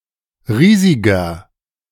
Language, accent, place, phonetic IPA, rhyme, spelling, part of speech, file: German, Germany, Berlin, [ˈʁiːzɪɡɐ], -iːzɪɡɐ, riesiger, adjective, De-riesiger.ogg
- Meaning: inflection of riesig: 1. strong/mixed nominative masculine singular 2. strong genitive/dative feminine singular 3. strong genitive plural